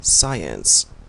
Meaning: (noun) A particular discipline or branch of knowledge that is natural, measurable or consisting of systematic principles rather than intuition or technical skill
- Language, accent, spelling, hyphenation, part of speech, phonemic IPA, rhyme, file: English, Canada, science, sci‧ence, noun / verb, /ˈsaɪ.əns/, -aɪəns, En-ca-science.ogg